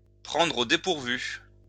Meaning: to take by surprise, to catch off guard, to catch napping
- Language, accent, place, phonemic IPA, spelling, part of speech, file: French, France, Lyon, /pʁɑ̃.dʁ‿o de.puʁ.vy/, prendre au dépourvu, verb, LL-Q150 (fra)-prendre au dépourvu.wav